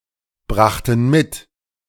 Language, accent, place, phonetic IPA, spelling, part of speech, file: German, Germany, Berlin, [ˌbʁaxtn̩ ˈmɪt], brachten mit, verb, De-brachten mit.ogg
- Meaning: first/third-person plural preterite of mitbringen